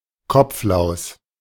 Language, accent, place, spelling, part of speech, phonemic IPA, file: German, Germany, Berlin, Kopflaus, noun, /ˈkɔpflaʊ̯s/, De-Kopflaus.ogg
- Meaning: head louse